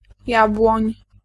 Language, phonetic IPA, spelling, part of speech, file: Polish, [ˈjabwɔ̃ɲ], jabłoń, noun, Pl-jabłoń.ogg